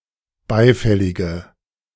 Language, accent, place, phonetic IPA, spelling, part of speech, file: German, Germany, Berlin, [ˈbaɪ̯ˌfɛlɪɡə], beifällige, adjective, De-beifällige.ogg
- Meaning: inflection of beifällig: 1. strong/mixed nominative/accusative feminine singular 2. strong nominative/accusative plural 3. weak nominative all-gender singular